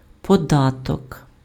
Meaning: tax, duty
- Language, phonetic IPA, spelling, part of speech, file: Ukrainian, [pɔˈdatɔk], податок, noun, Uk-податок.ogg